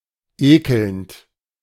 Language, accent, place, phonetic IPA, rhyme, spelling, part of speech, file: German, Germany, Berlin, [ˈeːkl̩nt], -eːkl̩nt, ekelnd, verb, De-ekelnd.ogg
- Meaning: present participle of ekeln